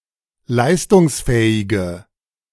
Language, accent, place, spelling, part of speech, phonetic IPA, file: German, Germany, Berlin, leistungsfähige, adjective, [ˈlaɪ̯stʊŋsˌfɛːɪɡə], De-leistungsfähige.ogg
- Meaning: inflection of leistungsfähig: 1. strong/mixed nominative/accusative feminine singular 2. strong nominative/accusative plural 3. weak nominative all-gender singular